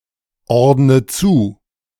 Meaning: inflection of zuordnen: 1. first-person singular present 2. first/third-person singular subjunctive I 3. singular imperative
- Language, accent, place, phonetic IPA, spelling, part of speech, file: German, Germany, Berlin, [ˌɔʁdnə ˈt͡suː], ordne zu, verb, De-ordne zu.ogg